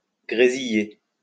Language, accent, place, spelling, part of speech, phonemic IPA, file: French, France, Lyon, grésiller, verb, /ɡʁe.zi.je/, LL-Q150 (fra)-grésiller.wav
- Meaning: 1. to crackle 2. to sizzle 3. to sleet